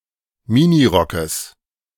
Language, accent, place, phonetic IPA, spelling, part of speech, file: German, Germany, Berlin, [ˈmɪniˌʁɔkəs], Minirockes, noun, De-Minirockes.ogg
- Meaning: genitive singular of Minirock